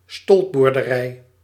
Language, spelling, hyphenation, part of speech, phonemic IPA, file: Dutch, stolpboerderij, stolp‧boer‧de‧rij, noun, /ˈstɔlp.bur.dəˌrɛi̯/, Nl-stolpboerderij.ogg
- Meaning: Haubarg, a byre-dwelling farm